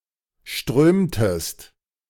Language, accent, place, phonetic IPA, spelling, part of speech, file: German, Germany, Berlin, [ˈʃtʁøːmtəst], strömtest, verb, De-strömtest.ogg
- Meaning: inflection of strömen: 1. second-person singular preterite 2. second-person singular subjunctive II